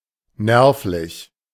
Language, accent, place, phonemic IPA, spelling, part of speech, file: German, Germany, Berlin, /ˈnɛʁflɪç/, nervlich, adjective, De-nervlich.ogg
- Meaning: nervelike, nervous (relating to the nervous system)